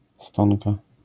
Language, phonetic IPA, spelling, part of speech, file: Polish, [ˈstɔ̃nka], stonka, noun, LL-Q809 (pol)-stonka.wav